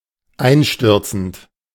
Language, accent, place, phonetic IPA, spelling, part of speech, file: German, Germany, Berlin, [ˈaɪ̯nˌʃtʏʁt͡sn̩t], einstürzend, verb, De-einstürzend.ogg
- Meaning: present participle of einstürzen